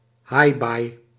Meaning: loud or domineering woman
- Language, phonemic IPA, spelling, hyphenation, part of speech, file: Dutch, /ˈɦaːi̯.baːi̯/, haaibaai, haaibaai, noun, Nl-haaibaai.ogg